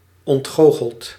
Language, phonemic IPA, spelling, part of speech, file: Dutch, /ɔntˈxoxəlt/, ontgoocheld, verb / adjective, Nl-ontgoocheld.ogg
- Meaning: past participle of ontgoochelen